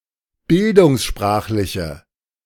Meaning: inflection of bildungssprachlich: 1. strong/mixed nominative/accusative feminine singular 2. strong nominative/accusative plural 3. weak nominative all-gender singular
- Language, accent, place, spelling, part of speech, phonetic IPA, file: German, Germany, Berlin, bildungssprachliche, adjective, [ˈbɪldʊŋsˌʃpʁaːxlɪçə], De-bildungssprachliche.ogg